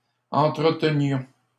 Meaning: inflection of entretenir: 1. first-person plural imperfect indicative 2. first-person plural present subjunctive
- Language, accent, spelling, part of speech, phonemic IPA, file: French, Canada, entretenions, verb, /ɑ̃.tʁə.tə.njɔ̃/, LL-Q150 (fra)-entretenions.wav